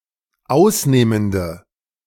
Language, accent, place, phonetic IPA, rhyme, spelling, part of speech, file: German, Germany, Berlin, [ˈaʊ̯sˌneːməndə], -aʊ̯sneːməndə, ausnehmende, adjective, De-ausnehmende.ogg
- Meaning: inflection of ausnehmend: 1. strong/mixed nominative/accusative feminine singular 2. strong nominative/accusative plural 3. weak nominative all-gender singular